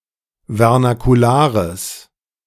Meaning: strong/mixed nominative/accusative neuter singular of vernakular
- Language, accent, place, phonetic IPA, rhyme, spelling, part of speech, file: German, Germany, Berlin, [vɛʁnakuˈlaːʁəs], -aːʁəs, vernakulares, adjective, De-vernakulares.ogg